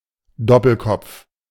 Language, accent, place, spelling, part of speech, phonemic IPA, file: German, Germany, Berlin, Doppelkopf, noun, /ˈdɔpəlˌkɔpf/, De-Doppelkopf.ogg